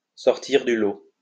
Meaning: to stand out from the crowd, to be better than others
- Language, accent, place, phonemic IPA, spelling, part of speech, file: French, France, Lyon, /sɔʁ.tiʁ dy lo/, sortir du lot, verb, LL-Q150 (fra)-sortir du lot.wav